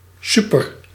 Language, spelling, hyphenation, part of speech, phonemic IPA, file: Dutch, super, su‧per, adverb / adjective, /ˈsy.pər/, Nl-super.ogg
- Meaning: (adverb) very, extremely, super; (adjective) great, super